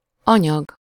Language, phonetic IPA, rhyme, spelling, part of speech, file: Hungarian, [ˈɒɲɒɡ], -ɒɡ, anyag, noun, Hu-anyag.ogg
- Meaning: 1. material, matter, substance 2. a unit of knowledge to be taught and learnt 3. drugs